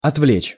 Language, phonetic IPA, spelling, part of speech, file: Russian, [ɐtˈvlʲet͡ɕ], отвлечь, verb, Ru-отвлечь.ogg
- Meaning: to distract, to divert